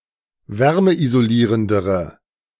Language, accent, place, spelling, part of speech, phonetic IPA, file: German, Germany, Berlin, wärmeisolierendere, adjective, [ˈvɛʁməʔizoˌliːʁəndəʁə], De-wärmeisolierendere.ogg
- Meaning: inflection of wärmeisolierend: 1. strong/mixed nominative/accusative feminine singular comparative degree 2. strong nominative/accusative plural comparative degree